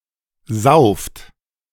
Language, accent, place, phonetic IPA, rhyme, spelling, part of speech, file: German, Germany, Berlin, [zaʊ̯ft], -aʊ̯ft, sauft, verb, De-sauft.ogg
- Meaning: inflection of saufen: 1. second-person plural present 2. plural imperative